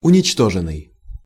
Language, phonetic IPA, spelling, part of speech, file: Russian, [ʊnʲɪt͡ɕˈtoʐɨn(ː)ɨj], уничтоженный, verb, Ru-уничтоженный.ogg
- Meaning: past passive perfective participle of уничто́жить (uničtóžitʹ)